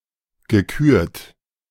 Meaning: past participle of küren
- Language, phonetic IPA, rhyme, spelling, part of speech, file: German, [ɡəˈkyːɐ̯t], -yːɐ̯t, gekürt, verb, De-gekürt.oga